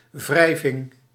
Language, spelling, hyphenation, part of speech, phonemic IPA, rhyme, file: Dutch, wrijving, wrij‧ving, noun, /ˈvrɛi̯vɪŋ/, -ɛi̯vɪŋ, Nl-wrijving.ogg
- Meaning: friction